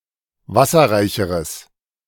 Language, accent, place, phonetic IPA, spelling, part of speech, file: German, Germany, Berlin, [ˈvasɐʁaɪ̯çəʁəs], wasserreicheres, adjective, De-wasserreicheres.ogg
- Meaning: strong/mixed nominative/accusative neuter singular comparative degree of wasserreich